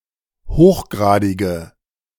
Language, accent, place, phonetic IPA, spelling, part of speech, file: German, Germany, Berlin, [ˈhoːxˌɡʁaːdɪɡə], hochgradige, adjective, De-hochgradige.ogg
- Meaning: inflection of hochgradig: 1. strong/mixed nominative/accusative feminine singular 2. strong nominative/accusative plural 3. weak nominative all-gender singular